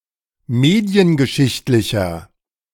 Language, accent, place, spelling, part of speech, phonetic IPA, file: German, Germany, Berlin, mediengeschichtlicher, adjective, [ˈmeːdi̯ənɡəˌʃɪçtlɪçɐ], De-mediengeschichtlicher.ogg
- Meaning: inflection of mediengeschichtlich: 1. strong/mixed nominative masculine singular 2. strong genitive/dative feminine singular 3. strong genitive plural